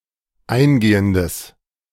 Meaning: strong/mixed nominative/accusative neuter singular of eingehend
- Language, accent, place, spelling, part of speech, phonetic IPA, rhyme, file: German, Germany, Berlin, eingehendes, adjective, [ˈaɪ̯nˌɡeːəndəs], -aɪ̯nɡeːəndəs, De-eingehendes.ogg